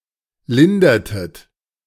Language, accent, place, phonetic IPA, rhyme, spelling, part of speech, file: German, Germany, Berlin, [ˈlɪndɐtət], -ɪndɐtət, lindertet, verb, De-lindertet.ogg
- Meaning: inflection of lindern: 1. second-person plural preterite 2. second-person plural subjunctive II